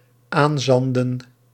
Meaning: 1. to acquire sand (especially through washed-up deposits) 2. to supply with sand
- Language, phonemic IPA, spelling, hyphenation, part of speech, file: Dutch, /ˈaːnˌzɑn.də(n)/, aanzanden, aan‧zan‧den, verb, Nl-aanzanden.ogg